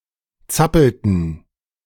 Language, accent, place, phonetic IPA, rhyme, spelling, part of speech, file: German, Germany, Berlin, [ˈt͡sapl̩tn̩], -apl̩tn̩, zappelten, verb, De-zappelten.ogg
- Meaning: inflection of zappeln: 1. first/third-person plural preterite 2. first/third-person plural subjunctive II